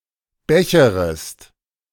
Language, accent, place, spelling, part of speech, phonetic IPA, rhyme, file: German, Germany, Berlin, becherest, verb, [ˈbɛçəʁəst], -ɛçəʁəst, De-becherest.ogg
- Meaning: second-person singular subjunctive I of bechern